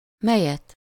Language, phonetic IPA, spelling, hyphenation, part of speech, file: Hungarian, [ˈmɛjɛt], melyet, me‧lyet, pronoun, Hu-melyet.ogg
- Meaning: accusative singular of mely